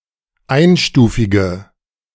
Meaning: inflection of einstufig: 1. strong/mixed nominative/accusative feminine singular 2. strong nominative/accusative plural 3. weak nominative all-gender singular
- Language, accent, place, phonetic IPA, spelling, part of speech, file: German, Germany, Berlin, [ˈaɪ̯nˌʃtuːfɪɡə], einstufige, adjective, De-einstufige.ogg